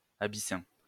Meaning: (adjective) Abyssinian; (noun) Abyssinian (cat)
- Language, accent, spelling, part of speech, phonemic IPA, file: French, France, abyssin, adjective / noun, /a.bi.sɛ̃/, LL-Q150 (fra)-abyssin.wav